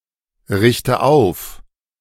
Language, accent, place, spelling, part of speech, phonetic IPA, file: German, Germany, Berlin, richte auf, verb, [ˌʁɪçtə ˈaʊ̯f], De-richte auf.ogg
- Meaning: inflection of aufrichten: 1. first-person singular present 2. first/third-person singular subjunctive I 3. singular imperative